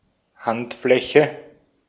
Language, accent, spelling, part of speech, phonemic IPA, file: German, Austria, Handfläche, noun, /ˈhan(t)ˌflɛçə/, De-at-Handfläche.ogg
- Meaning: palm (inner, concave part of hand)